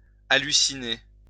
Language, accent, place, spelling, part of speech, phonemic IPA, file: French, France, Lyon, halluciner, verb, /a.ly.si.ne/, LL-Q150 (fra)-halluciner.wav
- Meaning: 1. to hallucinate 2. to be flabbergasted